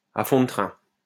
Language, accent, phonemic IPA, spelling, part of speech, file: French, France, /a fɔ̃ də tʁɛ̃/, à fond de train, adverb, LL-Q150 (fra)-à fond de train.wav
- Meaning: at full speed, at full throttle, hell-for-leather